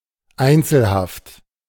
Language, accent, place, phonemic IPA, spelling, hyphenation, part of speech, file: German, Germany, Berlin, /ˈaɪ̯nt͡sl̩ˌhaft/, Einzelhaft, Ein‧zel‧haft, noun, De-Einzelhaft.ogg
- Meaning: solitary confinement